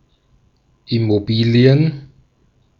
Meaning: plural of Immobilie
- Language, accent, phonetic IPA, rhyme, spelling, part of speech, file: German, Austria, [ɪmoˈbiːli̯ən], -iːli̯ən, Immobilien, noun, De-at-Immobilien.ogg